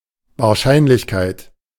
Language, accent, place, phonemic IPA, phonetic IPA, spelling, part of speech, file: German, Germany, Berlin, /vaːɐ̯ˈʃaɪ̯nlɪçˌkaɪ̯t/, [vaːɐ̯ˈʃaɪ̯nlɪçˌkʰaɪ̯tʰ], Wahrscheinlichkeit, noun, De-Wahrscheinlichkeit.ogg
- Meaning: probability; likelihood